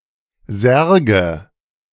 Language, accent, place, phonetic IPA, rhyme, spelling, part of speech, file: German, Germany, Berlin, [ˈzɛʁɡə], -ɛʁɡə, Särge, noun, De-Särge.ogg
- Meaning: nominative/accusative/genitive plural of Sarg